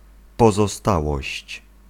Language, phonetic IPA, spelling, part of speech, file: Polish, [ˌpɔzɔˈstawɔɕt͡ɕ], pozostałość, noun, Pl-pozostałość.ogg